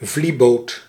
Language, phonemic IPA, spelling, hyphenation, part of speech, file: Dutch, /ˈvli.boːt/, vlieboot, vlie‧boot, noun, Nl-vlieboot.ogg
- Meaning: a light flat-bottomed cargo vessel with two or three masts, a flyboat